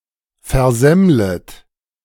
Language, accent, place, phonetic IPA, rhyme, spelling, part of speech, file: German, Germany, Berlin, [fɛɐ̯ˈzɛmlət], -ɛmlət, versemmlet, verb, De-versemmlet.ogg
- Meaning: second-person plural subjunctive I of versemmeln